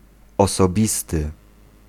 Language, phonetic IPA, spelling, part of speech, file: Polish, [ˌɔsɔˈbʲistɨ], osobisty, adjective, Pl-osobisty.ogg